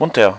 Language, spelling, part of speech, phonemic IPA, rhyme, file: German, munter, adjective, /ˈmʊntɐ/, -ʊntɐ, De-munter.ogg
- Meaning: merry, awake, brisk, cheery